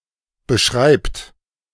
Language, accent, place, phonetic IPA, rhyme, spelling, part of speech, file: German, Germany, Berlin, [bəˈʃʁaɪ̯pt], -aɪ̯pt, beschreibt, verb, De-beschreibt.ogg
- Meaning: inflection of beschreiben: 1. third-person singular present 2. second-person plural present 3. plural imperative